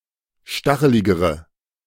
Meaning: inflection of stachelig: 1. strong/mixed nominative/accusative feminine singular comparative degree 2. strong nominative/accusative plural comparative degree
- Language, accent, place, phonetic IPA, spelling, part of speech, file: German, Germany, Berlin, [ˈʃtaxəlɪɡəʁə], stacheligere, adjective, De-stacheligere.ogg